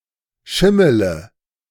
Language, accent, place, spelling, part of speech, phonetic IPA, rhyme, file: German, Germany, Berlin, schimmele, verb, [ˈʃɪmələ], -ɪmələ, De-schimmele.ogg
- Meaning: inflection of schimmeln: 1. first-person singular present 2. singular imperative 3. first/third-person singular subjunctive I